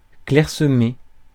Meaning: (verb) past participle of clairsemer; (adjective) 1. scattered 2. sparse
- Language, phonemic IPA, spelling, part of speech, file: French, /klɛʁ.sə.me/, clairsemé, verb / adjective, Fr-clairsemé.ogg